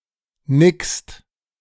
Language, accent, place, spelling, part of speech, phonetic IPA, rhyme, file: German, Germany, Berlin, nickst, verb, [nɪkst], -ɪkst, De-nickst.ogg
- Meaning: second-person singular present of nicken